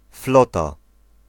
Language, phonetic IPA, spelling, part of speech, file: Polish, [ˈflɔta], flota, noun, Pl-flota.ogg